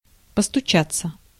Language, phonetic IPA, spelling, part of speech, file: Russian, [pəstʊˈt͡ɕat͡sːə], постучаться, verb, Ru-постучаться.ogg
- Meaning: to knock